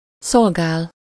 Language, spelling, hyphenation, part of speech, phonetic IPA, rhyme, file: Hungarian, szolgál, szol‧gál, verb, [ˈsolɡaːl], -aːl, Hu-szolgál.ogg
- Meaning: 1. to serve, be in service (-ban/-ben) 2. to serve, supply or furnish with something, offer something (-val/-vel) 3. to serve as something